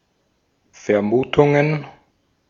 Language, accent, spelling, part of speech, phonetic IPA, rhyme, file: German, Austria, Vermutungen, noun, [fɛɐ̯ˈmuːtʊŋən], -uːtʊŋən, De-at-Vermutungen.ogg
- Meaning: plural of Vermutung